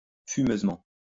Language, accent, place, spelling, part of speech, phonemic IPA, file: French, France, Lyon, fumeusement, adverb, /fy.møz.mɑ̃/, LL-Q150 (fra)-fumeusement.wav
- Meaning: smokily